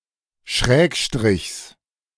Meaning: genitive of Schrägstrich
- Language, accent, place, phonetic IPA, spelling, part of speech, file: German, Germany, Berlin, [ˈʃʁɛːkˌʃtʁɪçs], Schrägstrichs, noun, De-Schrägstrichs.ogg